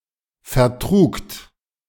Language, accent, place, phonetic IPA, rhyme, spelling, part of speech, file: German, Germany, Berlin, [fɛɐ̯ˈtʁuːkt], -uːkt, vertrugt, verb, De-vertrugt.ogg
- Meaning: second-person plural preterite of vertragen